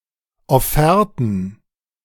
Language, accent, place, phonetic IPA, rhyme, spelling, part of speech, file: German, Germany, Berlin, [ɔˈfɛʁtn̩], -ɛʁtn̩, Offerten, noun, De-Offerten.ogg
- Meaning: plural of Offerte